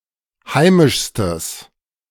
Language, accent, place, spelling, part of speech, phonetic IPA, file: German, Germany, Berlin, heimischstes, adjective, [ˈhaɪ̯mɪʃstəs], De-heimischstes.ogg
- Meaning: strong/mixed nominative/accusative neuter singular superlative degree of heimisch